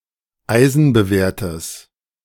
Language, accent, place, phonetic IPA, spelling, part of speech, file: German, Germany, Berlin, [ˈaɪ̯zn̩bəˌveːɐ̯təs], eisenbewehrtes, adjective, De-eisenbewehrtes.ogg
- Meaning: strong/mixed nominative/accusative neuter singular of eisenbewehrt